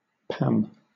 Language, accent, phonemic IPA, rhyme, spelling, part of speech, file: English, Southern England, /pæm/, -æm, pam, noun / verb, LL-Q1860 (eng)-pam.wav
- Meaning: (noun) 1. The jack of clubs in loo played with hands of 5 cards 2. A card game, similar to napoleon, in which the jack of clubs is the highest trump 3. A panorama